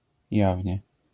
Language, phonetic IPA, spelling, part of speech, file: Polish, [ˈjavʲɲɛ], jawnie, adverb, LL-Q809 (pol)-jawnie.wav